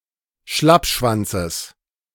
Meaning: genitive of Schlappschwanz
- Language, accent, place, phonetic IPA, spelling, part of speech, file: German, Germany, Berlin, [ˈʃlapʃvant͡səs], Schlappschwanzes, noun, De-Schlappschwanzes.ogg